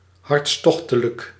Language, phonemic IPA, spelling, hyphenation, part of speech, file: Dutch, /ɦɑrtsˈtɔx.tə.lək/, hartstochtelijk, harts‧toch‧te‧lijk, adjective, Nl-hartstochtelijk.ogg
- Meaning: passionate, intense